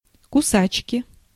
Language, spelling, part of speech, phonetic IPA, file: Russian, кусачки, noun, [kʊˈsat͡ɕkʲɪ], Ru-кусачки.ogg
- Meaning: pliers, nippers, wire cutter (verbal noun of куса́ть (kusátʹ) (nomen instrumenti))